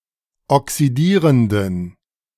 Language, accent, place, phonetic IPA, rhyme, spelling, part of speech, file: German, Germany, Berlin, [ɔksiˈdiːʁəndn̩], -iːʁəndn̩, oxidierenden, adjective, De-oxidierenden.ogg
- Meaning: inflection of oxidierend: 1. strong genitive masculine/neuter singular 2. weak/mixed genitive/dative all-gender singular 3. strong/weak/mixed accusative masculine singular 4. strong dative plural